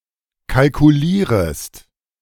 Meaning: second-person singular subjunctive I of kalkulieren
- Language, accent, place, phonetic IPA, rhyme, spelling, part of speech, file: German, Germany, Berlin, [kalkuˈliːʁəst], -iːʁəst, kalkulierest, verb, De-kalkulierest.ogg